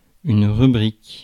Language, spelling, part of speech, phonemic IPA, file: French, rubrique, noun, /ʁy.bʁik/, Fr-rubrique.ogg
- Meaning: 1. category, heading 2. rubric